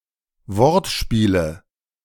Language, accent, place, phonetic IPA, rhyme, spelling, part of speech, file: German, Germany, Berlin, [ˈvɔʁtˌʃpiːlə], -ɔʁtʃpiːlə, Wortspiele, noun, De-Wortspiele.ogg
- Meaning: nominative/accusative/genitive plural of Wortspiel